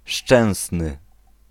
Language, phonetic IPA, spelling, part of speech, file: Polish, [ˈʃt͡ʃɛ̃w̃snɨ], Szczęsny, proper noun, Pl-Szczęsny.ogg